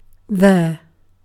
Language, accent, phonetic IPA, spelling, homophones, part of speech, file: English, UK, [ðeːɹ], there, their / they're, adverb / interjection / noun / pronoun, En-uk-there.ogg
- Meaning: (adverb) In or at a place or location (stated, implied or otherwise indicated) that is perceived to be away from, or at a relative distance from, the speaker (compare here)